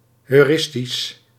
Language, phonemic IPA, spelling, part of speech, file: Dutch, /hœyˈrɪstis/, heuristisch, adjective, Nl-heuristisch.ogg
- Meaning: heuristic